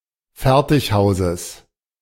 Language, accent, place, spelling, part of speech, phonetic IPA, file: German, Germany, Berlin, Fertighauses, noun, [ˈfɛʁtɪçˌhaʊ̯zəs], De-Fertighauses.ogg
- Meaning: genitive singular of Fertighaus